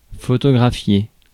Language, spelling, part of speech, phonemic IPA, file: French, photographier, verb, /fɔ.tɔ.ɡʁa.fje/, Fr-photographier.ogg
- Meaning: to photograph